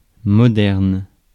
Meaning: modern
- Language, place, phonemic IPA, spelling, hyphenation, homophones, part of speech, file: French, Paris, /mɔ.dɛʁn/, moderne, mo‧derne, modernes, adjective, Fr-moderne.ogg